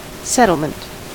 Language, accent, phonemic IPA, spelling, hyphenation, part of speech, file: English, US, /ˈsɛ.təl.mənt/, settlement, settle‧ment, noun, En-us-settlement.ogg
- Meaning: 1. The act of settling 2. The state of being settled 3. A colony that is newly established; a place or region newly settled